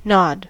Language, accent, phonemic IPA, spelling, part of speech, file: English, US, /nɑd/, nod, verb / noun, En-us-nod.ogg
- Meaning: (verb) 1. To incline the head up and down, as to indicate agreement 2. To briefly incline the head downwards as a cursory greeting 3. To sway, move up and down 4. To gradually fall asleep